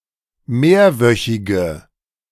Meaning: inflection of mehrwöchig: 1. strong/mixed nominative/accusative feminine singular 2. strong nominative/accusative plural 3. weak nominative all-gender singular
- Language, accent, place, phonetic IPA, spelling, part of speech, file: German, Germany, Berlin, [ˈmeːɐ̯ˌvœçɪɡə], mehrwöchige, adjective, De-mehrwöchige.ogg